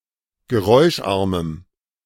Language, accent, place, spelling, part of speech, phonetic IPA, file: German, Germany, Berlin, geräuscharmem, adjective, [ɡəˈʁɔɪ̯ʃˌʔaʁməm], De-geräuscharmem.ogg
- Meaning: strong dative masculine/neuter singular of geräuscharm